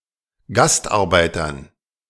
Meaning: dative plural of Gastarbeiter
- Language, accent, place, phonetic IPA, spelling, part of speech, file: German, Germany, Berlin, [ˈɡastʔaʁˌbaɪ̯tɐn], Gastarbeitern, noun, De-Gastarbeitern.ogg